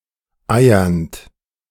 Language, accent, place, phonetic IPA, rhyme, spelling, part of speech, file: German, Germany, Berlin, [ˈaɪ̯ɐnt], -aɪ̯ɐnt, eiernd, verb, De-eiernd.ogg
- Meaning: present participle of eiern